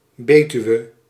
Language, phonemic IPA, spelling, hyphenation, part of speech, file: Dutch, /ˈbeːtyu̯ə/, Betuwe, Be‧tu‧we, proper noun, Nl-Betuwe.ogg
- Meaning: an area of Gelderland, the Netherlands